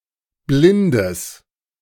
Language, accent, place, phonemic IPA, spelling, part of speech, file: German, Germany, Berlin, /ˈblɪndəs/, blindes, adjective, De-blindes.ogg
- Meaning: strong/mixed nominative/accusative neuter singular of blind